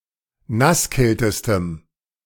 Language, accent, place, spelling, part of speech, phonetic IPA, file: German, Germany, Berlin, nasskältestem, adjective, [ˈnasˌkɛltəstəm], De-nasskältestem.ogg
- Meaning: strong dative masculine/neuter singular superlative degree of nasskalt